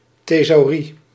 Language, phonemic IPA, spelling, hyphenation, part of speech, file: Dutch, /teːˈzɑu̯.ri/, thesaurie, the‧sau‧rie, noun, Nl-thesaurie.ogg
- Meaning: treasury